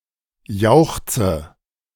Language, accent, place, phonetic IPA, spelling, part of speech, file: German, Germany, Berlin, [ˈjaʊ̯xt͡sə], jauchze, verb, De-jauchze.ogg
- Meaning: inflection of jauchzen: 1. first-person singular present 2. first/third-person singular subjunctive I 3. singular imperative